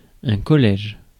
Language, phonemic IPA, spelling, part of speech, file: French, /kɔ.lɛʒ/, collège, noun, Fr-collège.ogg
- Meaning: 1. academy 2. junior high school 3. high school, secondary school 4. college, university